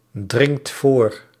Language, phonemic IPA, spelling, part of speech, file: Dutch, /ˈdrɪŋt ˈvor/, dringt voor, verb, Nl-dringt voor.ogg
- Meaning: inflection of voordringen: 1. second/third-person singular present indicative 2. plural imperative